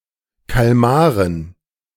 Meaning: dative plural of Kalmar
- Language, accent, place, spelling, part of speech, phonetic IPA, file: German, Germany, Berlin, Kalmaren, noun, [ˈkalmaʁən], De-Kalmaren.ogg